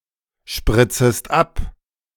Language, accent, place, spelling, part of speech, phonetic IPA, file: German, Germany, Berlin, spritzest ab, verb, [ˌʃpʁɪt͡səst ˈap], De-spritzest ab.ogg
- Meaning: second-person singular subjunctive I of abspritzen